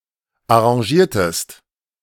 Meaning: inflection of arrangieren: 1. second-person singular preterite 2. second-person singular subjunctive II
- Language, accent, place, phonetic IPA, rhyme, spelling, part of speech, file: German, Germany, Berlin, [aʁɑ̃ˈʒiːɐ̯təst], -iːɐ̯təst, arrangiertest, verb, De-arrangiertest.ogg